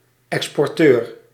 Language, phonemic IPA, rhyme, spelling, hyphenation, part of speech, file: Dutch, /ˌɛks.pɔrˈtøːr/, -øːr, exporteur, ex‧por‧teur, noun, Nl-exporteur.ogg
- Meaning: exporter